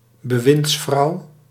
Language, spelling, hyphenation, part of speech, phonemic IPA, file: Dutch, bewindsvrouw, be‧winds‧vrouw, noun, /bəˈʋɪntsˌfrɑu̯/, Nl-bewindsvrouw.ogg
- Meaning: female minister (senior or junior) or secretary of state